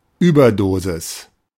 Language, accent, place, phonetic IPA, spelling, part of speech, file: German, Germany, Berlin, [ˈyːbɐˌdoːzɪs], Überdosis, noun, De-Überdosis.ogg
- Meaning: overdose